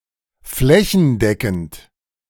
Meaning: comprehensive (fully covered)
- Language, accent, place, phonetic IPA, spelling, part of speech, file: German, Germany, Berlin, [ˈflɛçn̩ˌdɛkn̩t], flächendeckend, adjective, De-flächendeckend.ogg